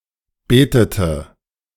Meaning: inflection of beten: 1. first/third-person singular preterite 2. first/third-person singular subjunctive II
- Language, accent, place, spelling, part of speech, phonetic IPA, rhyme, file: German, Germany, Berlin, betete, verb, [ˈbeːtətə], -eːtətə, De-betete.ogg